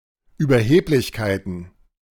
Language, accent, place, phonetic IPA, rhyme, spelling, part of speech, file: German, Germany, Berlin, [yːbɐˈheːplɪçkaɪ̯tn̩], -eːplɪçkaɪ̯tn̩, Überheblichkeiten, noun, De-Überheblichkeiten.ogg
- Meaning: plural of Überheblichkeit